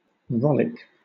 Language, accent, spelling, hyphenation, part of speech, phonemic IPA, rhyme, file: English, Southern England, rollick, rol‧lick, verb / noun, /ˈɹɒlɪk/, -ɒlɪk, LL-Q1860 (eng)-rollick.wav
- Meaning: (verb) 1. To behave in a playful or carefree manner; to frolic or romp 2. To reprimand; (noun) Alternative form of rowlock